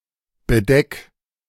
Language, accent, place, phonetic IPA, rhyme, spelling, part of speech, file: German, Germany, Berlin, [bəˈdɛk], -ɛk, bedeck, verb, De-bedeck.ogg
- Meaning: 1. singular imperative of bedecken 2. first-person singular present of bedecken